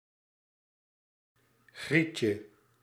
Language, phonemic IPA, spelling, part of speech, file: Dutch, /ˈɣricə/, grietje, noun, Nl-grietje.ogg
- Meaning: diminutive of griet